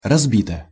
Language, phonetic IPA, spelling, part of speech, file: Russian, [rɐzˈbʲitə], разбита, adjective, Ru-разбита.ogg
- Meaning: short feminine singular of разби́тый (razbítyj)